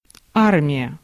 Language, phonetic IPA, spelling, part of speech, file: Russian, [ˈarmʲɪjə], армия, noun, Ru-армия.ogg
- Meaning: 1. army, armed forces (the complete military organization of a nation, including land, sea and air forces) 2. army (specifically the land-based forces of a nation's military)